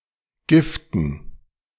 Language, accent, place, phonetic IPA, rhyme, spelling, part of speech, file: German, Germany, Berlin, [ˈɡɪftn̩], -ɪftn̩, Giften, noun, De-Giften.ogg
- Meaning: 1. dative plural of Gift 2. plural of Gift